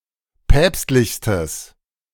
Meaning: strong/mixed nominative/accusative neuter singular superlative degree of päpstlich
- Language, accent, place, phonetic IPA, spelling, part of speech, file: German, Germany, Berlin, [ˈpɛːpstlɪçstəs], päpstlichstes, adjective, De-päpstlichstes.ogg